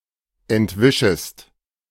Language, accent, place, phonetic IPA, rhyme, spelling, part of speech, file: German, Germany, Berlin, [ɛntˈvɪʃəst], -ɪʃəst, entwischest, verb, De-entwischest.ogg
- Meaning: second-person singular subjunctive I of entwischen